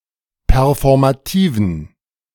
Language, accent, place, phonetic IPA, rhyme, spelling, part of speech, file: German, Germany, Berlin, [pɛʁfɔʁmaˈtiːvn̩], -iːvn̩, performativen, adjective, De-performativen.ogg
- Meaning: inflection of performativ: 1. strong genitive masculine/neuter singular 2. weak/mixed genitive/dative all-gender singular 3. strong/weak/mixed accusative masculine singular 4. strong dative plural